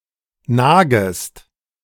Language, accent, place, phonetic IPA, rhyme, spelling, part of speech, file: German, Germany, Berlin, [ˈnaːɡəst], -aːɡəst, nagest, verb, De-nagest.ogg
- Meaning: second-person singular subjunctive I of nagen